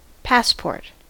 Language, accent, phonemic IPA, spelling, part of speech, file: English, US, /ˈpæspɔɹt/, passport, noun / verb, En-us-passport.ogg
- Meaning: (noun) 1. An official document normally used for international journeys, which proves the identity and nationality of the person for whom it was issued 2. Any document that allows entry or passage